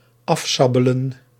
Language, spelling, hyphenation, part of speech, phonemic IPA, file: Dutch, afsabelen, af‧sa‧be‧len, verb, /ˈɑfˌsaː.bə.lə(n)/, Nl-afsabelen.ogg
- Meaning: to chop off with a sabre